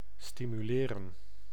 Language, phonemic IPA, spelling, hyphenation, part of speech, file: Dutch, /ˌsti.myˈleː.rə(n)/, stimuleren, sti‧mu‧le‧ren, verb, Nl-stimuleren.ogg
- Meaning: 1. to stimulate 2. to encourage 3. to promote